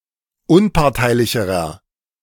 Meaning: inflection of unparteilich: 1. strong/mixed nominative masculine singular comparative degree 2. strong genitive/dative feminine singular comparative degree 3. strong genitive plural comparative degree
- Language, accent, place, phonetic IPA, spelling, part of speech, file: German, Germany, Berlin, [ˈʊnpaʁtaɪ̯lɪçəʁɐ], unparteilicherer, adjective, De-unparteilicherer.ogg